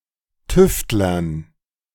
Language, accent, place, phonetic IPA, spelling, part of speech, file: German, Germany, Berlin, [ˈtʏftlɐn], Tüftlern, noun, De-Tüftlern.ogg
- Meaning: dative plural of Tüftler